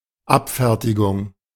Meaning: 1. act of finishing 2. dispatch 3. clearance 4. expedition 5. smart rejoinder 6. reproof, snub 7. dismissal 8. settlement, compensation
- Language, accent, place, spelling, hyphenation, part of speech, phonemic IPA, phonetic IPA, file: German, Germany, Berlin, Abfertigung, Ab‧fer‧ti‧gung, noun, /ˈapˌfɛʁtiɡʊŋ/, [ˈʔapˌfɛɐ̯tʰiɡʊŋ], De-Abfertigung.ogg